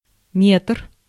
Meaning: 1. meter/metre (SI unit of measure) 2. meter stick (metre stick) 3. tape measure, measuring tape (at least 1 meter long)
- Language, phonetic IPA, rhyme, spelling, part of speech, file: Russian, [ˈmʲetr], -etr, метр, noun, Ru-метр.ogg